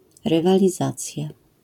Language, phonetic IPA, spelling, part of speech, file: Polish, [ˌrɨvalʲiˈzat͡sʲja], rywalizacja, noun, LL-Q809 (pol)-rywalizacja.wav